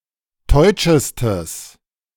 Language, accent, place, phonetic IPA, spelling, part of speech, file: German, Germany, Berlin, [ˈtɔɪ̯t͡ʃəstəs], teutschestes, adjective, De-teutschestes.ogg
- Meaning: strong/mixed nominative/accusative neuter singular superlative degree of teutsch